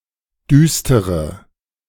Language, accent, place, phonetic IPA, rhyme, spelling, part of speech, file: German, Germany, Berlin, [ˈdyːstəʁə], -yːstəʁə, düstere, adjective / verb, De-düstere.ogg
- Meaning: inflection of düster: 1. strong/mixed nominative/accusative feminine singular 2. strong nominative/accusative plural 3. weak nominative all-gender singular 4. weak accusative feminine/neuter singular